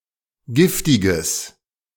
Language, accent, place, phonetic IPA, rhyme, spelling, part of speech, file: German, Germany, Berlin, [ˈɡɪftɪɡəs], -ɪftɪɡəs, giftiges, adjective, De-giftiges.ogg
- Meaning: strong/mixed nominative/accusative neuter singular of giftig